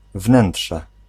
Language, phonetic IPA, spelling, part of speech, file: Polish, [ˈvnɛ̃nṭʃɛ], wnętrze, noun, Pl-wnętrze.ogg